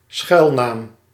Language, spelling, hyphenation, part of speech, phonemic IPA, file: Dutch, schuilnaam, schuil‧naam, noun, /ˈsxœy̯lnaːm/, Nl-schuilnaam.ogg
- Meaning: a pseudonym that is used to hide one's true identity. A fake identity